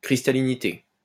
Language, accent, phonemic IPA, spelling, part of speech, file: French, France, /kʁis.ta.li.ni.te/, cristallinité, noun, LL-Q150 (fra)-cristallinité.wav
- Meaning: crystallinity